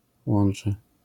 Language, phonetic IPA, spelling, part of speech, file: Polish, [ˈwɔ̃n͇t͡ʃɛ], łącze, noun, LL-Q809 (pol)-łącze.wav